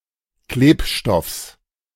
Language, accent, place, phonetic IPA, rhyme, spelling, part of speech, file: German, Germany, Berlin, [ˈkleːpˌʃtɔfs], -eːpʃtɔfs, Klebstoffs, noun, De-Klebstoffs.ogg
- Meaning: genitive singular of Klebstoff